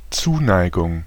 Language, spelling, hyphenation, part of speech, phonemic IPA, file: German, Zuneigung, Zu‧nei‧gung, noun, /ˈtsuːˌnaɪɡʊŋ/, De-Zuneigung.ogg
- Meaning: affection, attachment